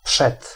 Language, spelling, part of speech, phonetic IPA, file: Polish, przed, preposition, [pʃɛt], Pl-przed.ogg